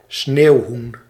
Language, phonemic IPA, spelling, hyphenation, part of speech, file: Dutch, /ˈsneːu̯.ɦun/, sneeuwhoen, sneeuw‧hoen, noun, Nl-sneeuwhoen.ogg
- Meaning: any grouses of the genus Lagopus